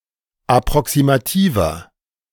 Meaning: inflection of approximativ: 1. strong/mixed nominative masculine singular 2. strong genitive/dative feminine singular 3. strong genitive plural
- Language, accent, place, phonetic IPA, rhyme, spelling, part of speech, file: German, Germany, Berlin, [apʁɔksimaˈtiːvɐ], -iːvɐ, approximativer, adjective, De-approximativer.ogg